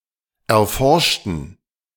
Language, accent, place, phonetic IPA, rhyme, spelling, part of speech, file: German, Germany, Berlin, [ɛɐ̯ˈfɔʁʃtn̩], -ɔʁʃtn̩, erforschten, adjective / verb, De-erforschten.ogg
- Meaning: inflection of erforscht: 1. strong genitive masculine/neuter singular 2. weak/mixed genitive/dative all-gender singular 3. strong/weak/mixed accusative masculine singular 4. strong dative plural